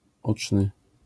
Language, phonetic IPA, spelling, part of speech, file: Polish, [ˈɔt͡ʃnɨ], oczny, adjective, LL-Q809 (pol)-oczny.wav